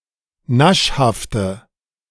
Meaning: inflection of naschhaft: 1. strong/mixed nominative/accusative feminine singular 2. strong nominative/accusative plural 3. weak nominative all-gender singular
- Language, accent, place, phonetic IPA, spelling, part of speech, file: German, Germany, Berlin, [ˈnaʃhaftə], naschhafte, adjective, De-naschhafte.ogg